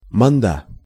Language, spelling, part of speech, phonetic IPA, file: Russian, манда, noun, [mɐnˈda], Ru-манда.ogg
- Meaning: pussy, cunt, twat